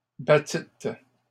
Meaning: second-person plural past historic of battre
- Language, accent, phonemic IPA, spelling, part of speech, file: French, Canada, /ba.tit/, battîtes, verb, LL-Q150 (fra)-battîtes.wav